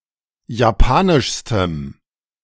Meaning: strong dative masculine/neuter singular superlative degree of japanisch
- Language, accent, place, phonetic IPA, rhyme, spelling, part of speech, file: German, Germany, Berlin, [jaˈpaːnɪʃstəm], -aːnɪʃstəm, japanischstem, adjective, De-japanischstem.ogg